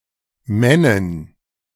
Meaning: 1. woman 2. manly woman
- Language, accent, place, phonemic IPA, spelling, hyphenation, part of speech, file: German, Germany, Berlin, /ˈmɛnɪn/, Männin, Män‧nin, noun, De-Männin.ogg